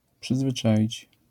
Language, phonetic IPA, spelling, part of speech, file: Polish, [ˌpʃɨzvɨˈt͡ʃaʲit͡ɕ], przyzwyczaić, verb, LL-Q809 (pol)-przyzwyczaić.wav